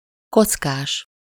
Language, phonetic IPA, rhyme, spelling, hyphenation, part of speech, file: Hungarian, [ˈkot͡skaːʃ], -aːʃ, kockás, koc‧kás, adjective / noun, Hu-kockás.ogg
- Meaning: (adjective) checkered, squared (of clothes or other objects, e.g. tablecloth)